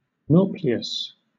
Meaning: A crustacean larva that has three pairs of locomotive organs (corresponding to antennules, antennae, and mandibles), a median eye, and little or no segmentation of the body
- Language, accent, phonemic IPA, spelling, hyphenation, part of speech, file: English, Southern England, /ˈnɔː.plɪ.əs/, nauplius, nau‧pli‧us, noun, LL-Q1860 (eng)-nauplius.wav